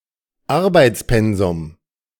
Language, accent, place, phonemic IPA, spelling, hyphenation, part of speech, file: German, Germany, Berlin, /ˈaʁbaɪ̯t͡sˌpɛnzʊm/, Arbeitspensum, Ar‧beits‧pen‧sum, noun, De-Arbeitspensum.ogg
- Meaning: workload